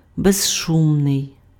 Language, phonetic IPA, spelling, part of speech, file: Ukrainian, [beʒˈʃumnei̯], безшумний, adjective, Uk-безшумний.ogg
- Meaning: noiseless